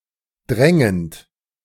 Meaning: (verb) present participle of drängen; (adjective) pressing
- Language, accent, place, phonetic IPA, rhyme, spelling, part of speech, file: German, Germany, Berlin, [ˈdʁɛŋənt], -ɛŋənt, drängend, verb, De-drängend.ogg